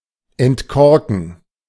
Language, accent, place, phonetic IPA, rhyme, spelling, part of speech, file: German, Germany, Berlin, [ɛntˈkɔʁkn̩], -ɔʁkn̩, entkorken, verb, De-entkorken.ogg
- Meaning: to uncork